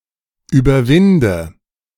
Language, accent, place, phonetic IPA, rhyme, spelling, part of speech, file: German, Germany, Berlin, [yːbɐˈvɪndə], -ɪndə, überwinde, verb, De-überwinde.ogg
- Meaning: inflection of überwinden: 1. first-person singular present 2. first/third-person singular subjunctive I 3. singular imperative